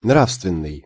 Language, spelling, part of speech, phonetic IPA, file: Russian, нравственный, adjective, [ˈnrafstvʲɪn(ː)ɨj], Ru-нравственный.ogg
- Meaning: 1. moral (referring to morality) 2. moral, ethical (conforming to a standard of right behavior)